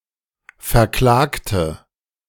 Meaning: inflection of verklagen: 1. first/third-person singular preterite 2. first/third-person singular subjunctive II
- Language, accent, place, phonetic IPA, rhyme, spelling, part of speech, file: German, Germany, Berlin, [fɛɐ̯ˈklaːktə], -aːktə, verklagte, adjective / verb, De-verklagte.ogg